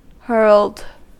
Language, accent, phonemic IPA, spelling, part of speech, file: English, General American, /hɜɹld/, hurled, verb, En-us-hurled.ogg
- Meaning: simple past and past participle of hurl